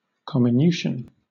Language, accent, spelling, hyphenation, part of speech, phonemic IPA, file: English, Southern England, comminution, com‧mi‧nu‧tion, noun, /ˌkɒmɪˈnjuːʃ(ə)n/, LL-Q1860 (eng)-comminution.wav
- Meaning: 1. The breaking or grinding up of a material to form smaller particles 2. The fracture of a bone site into multiple pieces (at least three, and often many)